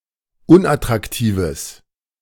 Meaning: strong/mixed nominative/accusative neuter singular of unattraktiv
- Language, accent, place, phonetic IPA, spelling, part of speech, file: German, Germany, Berlin, [ˈʊnʔatʁakˌtiːvəs], unattraktives, adjective, De-unattraktives.ogg